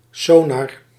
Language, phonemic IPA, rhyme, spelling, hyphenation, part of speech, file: Dutch, /ˈsoː.nɑr/, -oːnɑr, sonar, so‧nar, noun, Nl-sonar.ogg
- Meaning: sonar